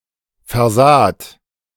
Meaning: second-person plural preterite of versehen
- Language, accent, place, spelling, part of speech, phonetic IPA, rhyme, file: German, Germany, Berlin, versaht, verb, [fɛɐ̯ˈzaːt], -aːt, De-versaht.ogg